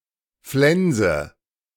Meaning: inflection of flensen: 1. first-person singular present 2. first/third-person singular subjunctive I 3. singular imperative
- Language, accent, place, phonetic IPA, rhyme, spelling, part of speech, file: German, Germany, Berlin, [ˈflɛnzə], -ɛnzə, flense, verb, De-flense.ogg